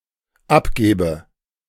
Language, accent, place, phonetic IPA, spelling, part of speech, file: German, Germany, Berlin, [ˈapˌɡeːbə], abgebe, verb, De-abgebe.ogg
- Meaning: inflection of abgeben: 1. first-person singular dependent present 2. first/third-person singular dependent subjunctive I